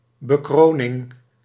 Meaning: crowning
- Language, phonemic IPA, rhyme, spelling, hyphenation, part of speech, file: Dutch, /bəˈkroː.nɪŋ/, -oːnɪŋ, bekroning, be‧kro‧ning, noun, Nl-bekroning.ogg